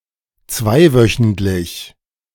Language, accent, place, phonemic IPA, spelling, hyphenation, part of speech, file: German, Germany, Berlin, /ˈt͡svaɪ̯ˌvœçn̩tlɪç/, zweiwöchentlich, zwei‧wö‧chent‧lich, adjective, De-zweiwöchentlich.ogg
- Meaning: fortnightly; occurring every two weeks